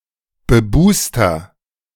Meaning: inflection of bebust: 1. strong/mixed nominative masculine singular 2. strong genitive/dative feminine singular 3. strong genitive plural
- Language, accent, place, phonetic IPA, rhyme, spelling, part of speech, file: German, Germany, Berlin, [bəˈbuːstɐ], -uːstɐ, bebuster, adjective, De-bebuster.ogg